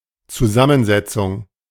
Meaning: 1. composition 2. compound (word) 3. composition (of a substance, of matter)
- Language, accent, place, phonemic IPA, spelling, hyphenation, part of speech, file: German, Germany, Berlin, /tsuˈzamənˌzɛtsʊŋ/, Zusammensetzung, Zu‧sam‧men‧set‧zung, noun, De-Zusammensetzung.ogg